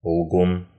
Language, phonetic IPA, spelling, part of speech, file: Russian, [ɫɡun], лгун, noun, Ru-лгун.ogg
- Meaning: liar